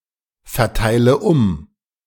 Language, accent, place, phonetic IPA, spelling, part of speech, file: German, Germany, Berlin, [fɛɐ̯ˌtaɪ̯lə ˈʊm], verteile um, verb, De-verteile um.ogg
- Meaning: inflection of umverteilen: 1. first-person singular present 2. first/third-person singular subjunctive I 3. singular imperative